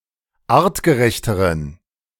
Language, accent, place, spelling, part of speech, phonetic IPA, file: German, Germany, Berlin, artgerechteren, adjective, [ˈaːʁtɡəˌʁɛçtəʁən], De-artgerechteren.ogg
- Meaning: inflection of artgerecht: 1. strong genitive masculine/neuter singular comparative degree 2. weak/mixed genitive/dative all-gender singular comparative degree